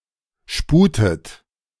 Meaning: inflection of sputen: 1. third-person singular present 2. second-person plural present 3. second-person plural subjunctive I 4. plural imperative
- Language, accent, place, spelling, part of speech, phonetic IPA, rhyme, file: German, Germany, Berlin, sputet, verb, [ˈʃpuːtət], -uːtət, De-sputet.ogg